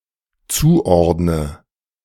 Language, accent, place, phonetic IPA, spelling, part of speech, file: German, Germany, Berlin, [ˈt͡suːˌʔɔʁdnə], zuordne, verb, De-zuordne.ogg
- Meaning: inflection of zuordnen: 1. first-person singular dependent present 2. first/third-person singular dependent subjunctive I